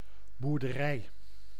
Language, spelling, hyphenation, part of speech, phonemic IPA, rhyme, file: Dutch, boerderij, boer‧de‧rij, noun, /ˌbur.dəˈrɛi̯/, -ɛi̯, Nl-boerderij.ogg
- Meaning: a farm